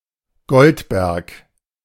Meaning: 1. a municipality of Mecklenburg-Vorpommern, Germany 2. a surname
- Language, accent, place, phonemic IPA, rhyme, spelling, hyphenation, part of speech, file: German, Germany, Berlin, /ˈɡɔltbɛʁk/, -ɛʁk, Goldberg, Gold‧berg, proper noun, De-Goldberg.ogg